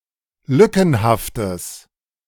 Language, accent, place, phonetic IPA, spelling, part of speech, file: German, Germany, Berlin, [ˈlʏkn̩haftəs], lückenhaftes, adjective, De-lückenhaftes.ogg
- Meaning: strong/mixed nominative/accusative neuter singular of lückenhaft